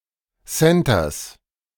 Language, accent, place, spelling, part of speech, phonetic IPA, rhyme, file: German, Germany, Berlin, Centers, noun, [ˈsɛntɐs], -ɛntɐs, De-Centers.ogg
- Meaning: genitive singular of Center